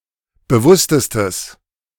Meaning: strong/mixed nominative/accusative neuter singular superlative degree of bewusst
- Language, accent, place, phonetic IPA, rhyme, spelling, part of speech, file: German, Germany, Berlin, [bəˈvʊstəstəs], -ʊstəstəs, bewusstestes, adjective, De-bewusstestes.ogg